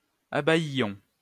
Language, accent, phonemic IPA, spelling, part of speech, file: French, France, /a.baj.jɔ̃/, abaïions, verb, LL-Q150 (fra)-abaïions.wav
- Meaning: inflection of abaïer: 1. first-person plural imperfect indicative 2. first-person plural present subjunctive